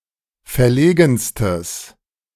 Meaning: strong/mixed nominative/accusative neuter singular superlative degree of verlegen
- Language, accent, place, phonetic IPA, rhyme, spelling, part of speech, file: German, Germany, Berlin, [fɛɐ̯ˈleːɡn̩stəs], -eːɡn̩stəs, verlegenstes, adjective, De-verlegenstes.ogg